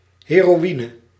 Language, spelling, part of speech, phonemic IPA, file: Dutch, heroïne, noun, /ˌheroˈwinə/, Nl-heroïne.ogg
- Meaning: heroin